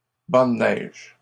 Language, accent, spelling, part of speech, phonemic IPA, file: French, Canada, bancs de neige, noun, /bɑ̃ d(ə) nɛʒ/, LL-Q150 (fra)-bancs de neige.wav
- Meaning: plural of banc de neige